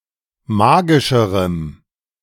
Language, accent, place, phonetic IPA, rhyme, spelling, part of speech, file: German, Germany, Berlin, [ˈmaːɡɪʃəʁəm], -aːɡɪʃəʁəm, magischerem, adjective, De-magischerem.ogg
- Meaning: strong dative masculine/neuter singular comparative degree of magisch